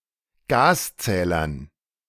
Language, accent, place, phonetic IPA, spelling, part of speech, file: German, Germany, Berlin, [ˈɡaːsˌt͡sɛːlɐn], Gaszählern, noun, De-Gaszählern.ogg
- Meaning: dative plural of Gaszähler